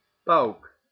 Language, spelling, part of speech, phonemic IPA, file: Dutch, pauk, noun, /pɑu̯k/, Nl-pauk.ogg
- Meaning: kettledrum, usually in the plural: timpani